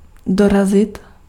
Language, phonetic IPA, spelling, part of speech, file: Czech, [ˈdorazɪt], dorazit, verb, Cs-dorazit.ogg
- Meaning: 1. to reach, to arrive at 2. to finish off